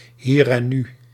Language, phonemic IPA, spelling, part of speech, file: Dutch, /ˌhirɛˈny/, hier en nu, noun, Nl-hier en nu.ogg
- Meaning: here and now, present moment